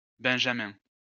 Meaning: 1. Benjamin (Biblical figure) 2. a male given name
- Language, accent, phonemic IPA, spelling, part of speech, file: French, France, /bɛ̃.ʒa.mɛ̃/, Benjamin, proper noun, LL-Q150 (fra)-Benjamin.wav